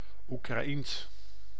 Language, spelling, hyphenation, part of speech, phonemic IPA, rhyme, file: Dutch, Oekraïens, Oe‧kra‧ïens, adjective / proper noun, /u.kraːˈins/, -ins, Nl-Oekraïens.ogg
- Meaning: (adjective) Ukrainian, relating to Ukraine and/or its Slavic people/culture; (proper noun) Ukrainian (language)